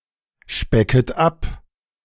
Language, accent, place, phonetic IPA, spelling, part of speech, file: German, Germany, Berlin, [ˌʃpɛkət ˈap], specket ab, verb, De-specket ab.ogg
- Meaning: second-person plural subjunctive I of abspecken